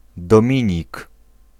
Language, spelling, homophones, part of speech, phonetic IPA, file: Polish, Dominik, dominik, proper noun / noun, [dɔ̃ˈmʲĩɲik], Pl-Dominik.ogg